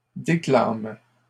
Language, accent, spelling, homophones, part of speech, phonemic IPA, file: French, Canada, déclament, déclame / déclames, verb, /de.klam/, LL-Q150 (fra)-déclament.wav
- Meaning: third-person plural present indicative/subjunctive of déclamer